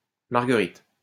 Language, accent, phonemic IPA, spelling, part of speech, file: French, France, /maʁ.ɡə.ʁit/, Marguerite, proper noun, LL-Q150 (fra)-Marguerite.wav
- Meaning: a female given name, equivalent to English Margaret